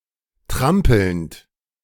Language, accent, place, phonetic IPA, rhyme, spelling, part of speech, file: German, Germany, Berlin, [ˈtʁampl̩nt], -ampl̩nt, trampelnd, verb, De-trampelnd.ogg
- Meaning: present participle of trampeln